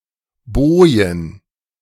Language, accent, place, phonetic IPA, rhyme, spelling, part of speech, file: German, Germany, Berlin, [ˈboːjən], -oːjən, Bojen, noun, De-Bojen.ogg
- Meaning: plural of Boje